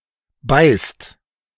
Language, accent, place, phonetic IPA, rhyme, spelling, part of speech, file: German, Germany, Berlin, [baɪ̯st], -aɪ̯st, beißt, verb, De-beißt.ogg
- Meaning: inflection of beißen: 1. second/third-person singular present 2. second-person plural present 3. plural imperative